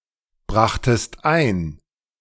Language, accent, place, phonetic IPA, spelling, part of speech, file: German, Germany, Berlin, [ˌbʁaxtəst ˈaɪ̯n], brachtest ein, verb, De-brachtest ein.ogg
- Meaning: second-person singular preterite of einbringen